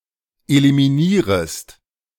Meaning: second-person singular subjunctive I of eliminieren
- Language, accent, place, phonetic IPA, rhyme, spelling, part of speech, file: German, Germany, Berlin, [elimiˈniːʁəst], -iːʁəst, eliminierest, verb, De-eliminierest.ogg